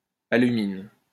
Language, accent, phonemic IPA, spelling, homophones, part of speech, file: French, France, /a.ly.min/, alumine, aluminent / alumines, noun / verb, LL-Q150 (fra)-alumine.wav
- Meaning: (noun) alumina; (verb) inflection of aluminer: 1. first/third-person singular present indicative/subjunctive 2. second-person singular imperative